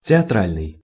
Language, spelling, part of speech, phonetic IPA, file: Russian, театральный, adjective, [tʲɪɐˈtralʲnɨj], Ru-театральный.ogg
- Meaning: 1. theater; theatrical 2. theatrical (ostentatious, exaggerated)